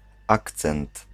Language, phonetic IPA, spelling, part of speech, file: Polish, [ˈakt͡sɛ̃nt], akcent, noun, Pl-akcent.ogg